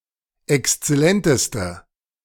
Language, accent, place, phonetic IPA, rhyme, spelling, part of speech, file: German, Germany, Berlin, [ɛkst͡sɛˈlɛntəstə], -ɛntəstə, exzellenteste, adjective, De-exzellenteste.ogg
- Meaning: inflection of exzellent: 1. strong/mixed nominative/accusative feminine singular superlative degree 2. strong nominative/accusative plural superlative degree